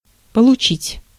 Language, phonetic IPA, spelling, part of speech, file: Russian, [pəɫʊˈt͡ɕitʲ], получить, verb, Ru-получить.ogg
- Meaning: to receive, to get